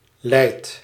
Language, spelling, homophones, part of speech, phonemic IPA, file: Dutch, lijd, leid / leidt, verb, /ˈlɛi̯t/, Nl-lijd.ogg
- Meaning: inflection of lijden: 1. first-person singular present indicative 2. second-person singular present indicative 3. imperative